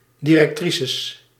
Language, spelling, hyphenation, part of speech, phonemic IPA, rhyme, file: Dutch, directrices, di‧rec‧tri‧ces, noun, /ˌdi.rɛkˈtri.səs/, -isəs, Nl-directrices.ogg
- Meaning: plural of directrice